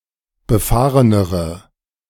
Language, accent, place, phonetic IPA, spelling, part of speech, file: German, Germany, Berlin, [bəˈfaːʁənəʁə], befahrenere, adjective, De-befahrenere.ogg
- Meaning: inflection of befahren: 1. strong/mixed nominative/accusative feminine singular comparative degree 2. strong nominative/accusative plural comparative degree